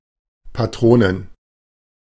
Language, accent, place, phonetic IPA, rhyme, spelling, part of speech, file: German, Germany, Berlin, [ˌpaˈtʁoːnən], -oːnən, Patronen, noun, De-Patronen.ogg
- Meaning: plural of Patrone